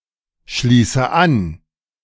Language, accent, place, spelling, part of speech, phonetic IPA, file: German, Germany, Berlin, schließe an, verb, [ˌʃliːsə ˈan], De-schließe an.ogg
- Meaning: inflection of anschließen: 1. first-person singular present 2. first/third-person singular subjunctive I 3. singular imperative